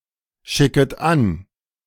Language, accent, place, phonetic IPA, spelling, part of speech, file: German, Germany, Berlin, [ˌʃɪkət ˈan], schicket an, verb, De-schicket an.ogg
- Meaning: second-person plural subjunctive I of anschicken